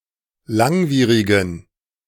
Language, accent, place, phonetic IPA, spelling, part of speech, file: German, Germany, Berlin, [ˈlaŋˌviːʁɪɡn̩], langwierigen, adjective, De-langwierigen.ogg
- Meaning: inflection of langwierig: 1. strong genitive masculine/neuter singular 2. weak/mixed genitive/dative all-gender singular 3. strong/weak/mixed accusative masculine singular 4. strong dative plural